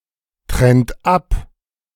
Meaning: inflection of abtrennen: 1. third-person singular present 2. second-person plural present 3. plural imperative
- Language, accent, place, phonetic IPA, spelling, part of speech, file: German, Germany, Berlin, [ˌtʁɛnt ˈap], trennt ab, verb, De-trennt ab.ogg